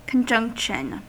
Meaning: The act of joining, or condition of being joined
- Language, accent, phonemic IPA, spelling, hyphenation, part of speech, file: English, US, /kənˈd͡ʒʌŋk.ʃn̩/, conjunction, con‧junc‧tion, noun, En-us-conjunction.ogg